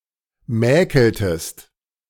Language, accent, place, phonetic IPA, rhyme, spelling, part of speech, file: German, Germany, Berlin, [ˈmɛːkl̩təst], -ɛːkl̩təst, mäkeltest, verb, De-mäkeltest.ogg
- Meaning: inflection of mäkeln: 1. second-person singular preterite 2. second-person singular subjunctive II